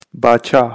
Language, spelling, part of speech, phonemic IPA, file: Pashto, باچا, noun, /bɑˈt͡ʃɑ/, باچا-کندوز.ogg
- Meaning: king